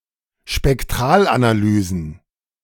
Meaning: plural of Spektralanalyse
- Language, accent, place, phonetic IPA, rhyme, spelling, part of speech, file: German, Germany, Berlin, [ʃpɛkˈtʁaːlʔanaˌlyːzn̩], -aːlʔanalyːzn̩, Spektralanalysen, noun, De-Spektralanalysen.ogg